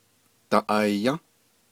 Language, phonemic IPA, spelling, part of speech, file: Navajo, /tɑ̀ʔɑ̀jɑ̃́/, daʼayą́, verb, Nv-daʼayą́.ogg
- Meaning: third-person plural durative of ayą́